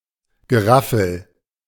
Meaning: stuff, junk, scrap
- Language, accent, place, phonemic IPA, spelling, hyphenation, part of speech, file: German, Germany, Berlin, /ɡəˈʁafəl/, Geraffel, Ge‧raf‧fel, noun, De-Geraffel.ogg